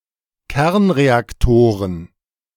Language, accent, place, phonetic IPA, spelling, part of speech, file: German, Germany, Berlin, [ˈkɛʁnʁeakˌtoːʁən], Kernreaktoren, noun, De-Kernreaktoren.ogg
- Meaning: plural of Kernreaktor